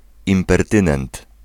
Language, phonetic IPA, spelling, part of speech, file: Polish, [ˌĩmpɛrˈtɨ̃nɛ̃nt], impertynent, noun, Pl-impertynent.ogg